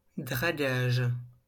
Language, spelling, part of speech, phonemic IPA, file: French, dragage, noun, /dʁa.ɡaʒ/, LL-Q150 (fra)-dragage.wav
- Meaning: dredging (action of dredging)